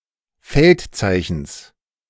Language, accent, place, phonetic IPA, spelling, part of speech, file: German, Germany, Berlin, [ˈfɛltˌt͡saɪ̯çn̩s], Feldzeichens, noun, De-Feldzeichens.ogg
- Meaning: genitive singular of Feldzeichen